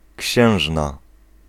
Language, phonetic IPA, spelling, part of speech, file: Polish, [ˈcɕɛ̃w̃ʒna], księżna, noun, Pl-księżna.ogg